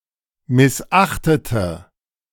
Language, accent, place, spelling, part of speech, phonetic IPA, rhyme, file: German, Germany, Berlin, missachtete, adjective / verb, [mɪsˈʔaxtətə], -axtətə, De-missachtete.ogg
- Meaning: inflection of missachten: 1. first/third-person singular preterite 2. first/third-person singular subjunctive II